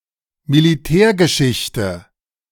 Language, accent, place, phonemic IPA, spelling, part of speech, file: German, Germany, Berlin, /mɪlɪˈtɛːɐ̯ɡəˌʃɪçtə/, Militärgeschichte, noun, De-Militärgeschichte.ogg
- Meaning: military history; military story